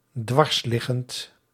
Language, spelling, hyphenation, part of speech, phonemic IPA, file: Dutch, dwarsliggend, dwars‧lig‧gend, adjective, /ˈdʋɑrsˌlɪ.ɣənt/, Nl-dwarsliggend.ogg
- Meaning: obstructive